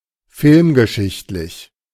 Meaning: film history
- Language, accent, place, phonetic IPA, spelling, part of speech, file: German, Germany, Berlin, [ˈfɪlmɡəˌʃɪçtlɪç], filmgeschichtlich, adjective, De-filmgeschichtlich.ogg